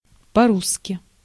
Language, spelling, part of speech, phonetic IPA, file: Russian, по-русски, adverb, [pɐ‿ˈruskʲɪ], Ru-по-русски.ogg
- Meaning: 1. in Russian 2. the Russian way 3. in plain Russian, plainly, frankly